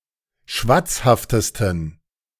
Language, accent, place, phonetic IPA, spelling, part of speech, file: German, Germany, Berlin, [ˈʃvat͡sˌhaftəstn̩], schwatzhaftesten, adjective, De-schwatzhaftesten.ogg
- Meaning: 1. superlative degree of schwatzhaft 2. inflection of schwatzhaft: strong genitive masculine/neuter singular superlative degree